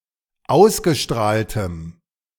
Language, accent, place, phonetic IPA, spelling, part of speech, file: German, Germany, Berlin, [ˈaʊ̯sɡəˌʃtʁaːltəm], ausgestrahltem, adjective, De-ausgestrahltem.ogg
- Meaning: strong dative masculine/neuter singular of ausgestrahlt